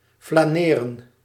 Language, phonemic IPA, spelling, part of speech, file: Dutch, /flaːˈneːrə(n)/, flaneren, verb, Nl-flaneren.ogg
- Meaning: to loiter, to saunter around, especially in order to attract attention